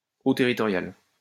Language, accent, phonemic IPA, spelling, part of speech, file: French, France, /o tɛ.ʁi.tɔ.ʁjal/, eaux territoriales, noun, LL-Q150 (fra)-eaux territoriales.wav
- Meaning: territorial waters